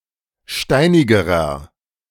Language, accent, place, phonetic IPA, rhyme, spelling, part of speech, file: German, Germany, Berlin, [ˈʃtaɪ̯nɪɡəʁɐ], -aɪ̯nɪɡəʁɐ, steinigerer, adjective, De-steinigerer.ogg
- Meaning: inflection of steinig: 1. strong/mixed nominative masculine singular comparative degree 2. strong genitive/dative feminine singular comparative degree 3. strong genitive plural comparative degree